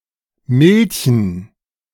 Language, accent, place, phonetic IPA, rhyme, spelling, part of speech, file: German, Germany, Berlin, [ˈmɪlçn̩], -ɪlçn̩, Milchen, noun, De-Milchen.ogg
- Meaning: plural of Milch